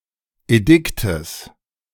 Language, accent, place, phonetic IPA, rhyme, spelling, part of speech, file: German, Germany, Berlin, [eˈdɪktəs], -ɪktəs, Ediktes, noun, De-Ediktes.ogg
- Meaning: genitive of Edikt